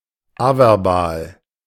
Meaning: averbal
- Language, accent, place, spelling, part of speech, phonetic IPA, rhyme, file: German, Germany, Berlin, averbal, adjective, [ˈavɛʁˌbaːl], -aːl, De-averbal.ogg